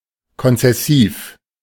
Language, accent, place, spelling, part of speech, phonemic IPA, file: German, Germany, Berlin, konzessiv, adjective, /kɔnt͡sɛˈsiːf/, De-konzessiv.ogg
- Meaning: concessive